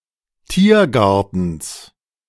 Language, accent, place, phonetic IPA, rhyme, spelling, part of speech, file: German, Germany, Berlin, [ˈtiːɐ̯ˌɡaʁtn̩s], -iːɐ̯ɡaʁtn̩s, Tiergartens, noun, De-Tiergartens.ogg
- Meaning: genitive singular of Tiergarten